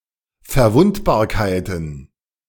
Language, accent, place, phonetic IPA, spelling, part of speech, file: German, Germany, Berlin, [fɛɐ̯ˈvʊntbaːɐ̯kaɪ̯tn̩], Verwundbarkeiten, noun, De-Verwundbarkeiten.ogg
- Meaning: plural of Verwundbarkeit